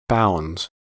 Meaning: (noun) plural of bound; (verb) third-person singular simple present indicative of bound
- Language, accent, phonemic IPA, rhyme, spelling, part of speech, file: English, US, /baʊndz/, -aʊndz, bounds, noun / verb, En-us-bounds.ogg